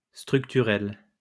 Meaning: structural
- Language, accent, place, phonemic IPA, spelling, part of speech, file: French, France, Lyon, /stʁyk.ty.ʁɛl/, structurel, adjective, LL-Q150 (fra)-structurel.wav